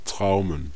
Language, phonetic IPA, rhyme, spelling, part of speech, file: German, [ˈtʁaʊ̯mən], -aʊ̯mən, Traumen, noun, De-Traumen.ogg
- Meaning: plural of Trauma